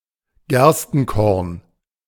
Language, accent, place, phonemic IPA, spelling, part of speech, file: German, Germany, Berlin, /ˈɡɛʁstn̩ˌkɔʁn/, Gerstenkorn, noun, De-Gerstenkorn.ogg
- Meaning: 1. barleycorn 2. stye (bacterial infection of the eyelash or eyelid)